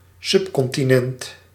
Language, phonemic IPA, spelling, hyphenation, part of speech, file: Dutch, /ˈsʏp.kɔn.tiˌnɛnt/, subcontinent, sub‧con‧ti‧nent, noun, Nl-subcontinent.ogg
- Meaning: subcontinent (large landmass smaller than a continent)